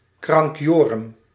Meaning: (very) insane, batshit crazy, bonkers
- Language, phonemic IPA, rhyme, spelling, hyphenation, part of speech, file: Dutch, /ˌkrɑŋkˈjoː.rʏm/, -oːrʏm, krankjorum, krank‧jo‧rum, adjective, Nl-krankjorum.ogg